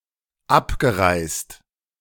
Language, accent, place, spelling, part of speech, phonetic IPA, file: German, Germany, Berlin, abgereist, verb, [ˈapɡəˌʁaɪ̯st], De-abgereist.ogg
- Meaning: past participle of abreisen